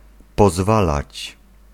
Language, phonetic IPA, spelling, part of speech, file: Polish, [pɔˈzvalat͡ɕ], pozwalać, verb, Pl-pozwalać.ogg